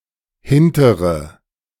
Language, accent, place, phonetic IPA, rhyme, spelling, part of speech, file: German, Germany, Berlin, [ˈhɪntəʁə], -ɪntəʁə, hintere, adjective, De-hintere.ogg
- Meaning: inflection of hinterer: 1. strong/mixed nominative/accusative feminine singular 2. strong nominative/accusative plural 3. weak nominative all-gender singular